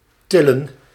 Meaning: 1. to lift, to raise 2. to scam, to con
- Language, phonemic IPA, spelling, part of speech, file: Dutch, /tɪlə(n)/, tillen, verb / noun, Nl-tillen.ogg